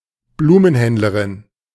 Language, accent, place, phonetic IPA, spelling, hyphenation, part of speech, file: German, Germany, Berlin, [ˈbluːmənˌhɛndləʁɪn], Blumenhändlerin, Blu‧men‧händ‧le‧rin, noun, De-Blumenhändlerin.ogg
- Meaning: female florist